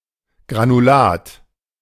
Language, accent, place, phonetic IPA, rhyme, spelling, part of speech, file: German, Germany, Berlin, [ɡʁanuˈlaːt], -aːt, Granulat, noun, De-Granulat.ogg
- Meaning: 1. granule 2. pellet 3. granulate